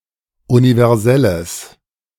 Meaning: strong/mixed nominative/accusative neuter singular of universell
- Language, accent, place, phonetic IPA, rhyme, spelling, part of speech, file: German, Germany, Berlin, [univɛʁˈzɛləs], -ɛləs, universelles, adjective, De-universelles.ogg